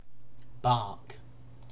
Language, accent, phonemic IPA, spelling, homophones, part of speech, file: English, UK, /bɑːk/, bark, barque, verb / noun / interjection, En-uk-bark.ogg
- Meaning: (verb) 1. To make a short, loud, explosive noise with the vocal organs (said of animals, especially dogs) 2. To make a clamor; to make importunate outcries 3. To speak sharply